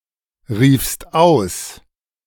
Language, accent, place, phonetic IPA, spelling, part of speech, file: German, Germany, Berlin, [ˌʁiːfst ˈaʊ̯s], riefst aus, verb, De-riefst aus.ogg
- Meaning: second-person singular preterite of ausrufen